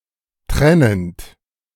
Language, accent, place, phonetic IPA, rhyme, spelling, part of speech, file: German, Germany, Berlin, [ˈtʁɛnənt], -ɛnənt, trennend, verb, De-trennend.ogg
- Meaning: present participle of trennen